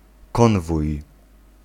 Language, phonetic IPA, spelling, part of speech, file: Polish, [ˈkɔ̃nvuj], konwój, noun, Pl-konwój.ogg